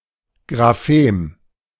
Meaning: grapheme
- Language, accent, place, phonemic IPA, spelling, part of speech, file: German, Germany, Berlin, /ɡʁaˈfeːm/, Graphem, noun, De-Graphem.ogg